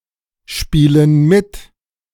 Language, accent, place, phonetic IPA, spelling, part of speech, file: German, Germany, Berlin, [ˌʃpiːlən ˈmɪt], spielen mit, verb, De-spielen mit.ogg
- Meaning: inflection of mitspielen: 1. first/third-person plural present 2. first/third-person plural subjunctive I